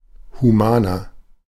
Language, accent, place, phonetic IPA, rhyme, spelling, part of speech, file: German, Germany, Berlin, [huˈmaːnɐ], -aːnɐ, humaner, adjective, De-humaner.ogg
- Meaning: 1. comparative degree of human 2. inflection of human: strong/mixed nominative masculine singular 3. inflection of human: strong genitive/dative feminine singular